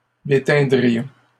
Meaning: first-person plural conditional of déteindre
- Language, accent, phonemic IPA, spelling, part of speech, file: French, Canada, /de.tɛ̃.dʁi.jɔ̃/, déteindrions, verb, LL-Q150 (fra)-déteindrions.wav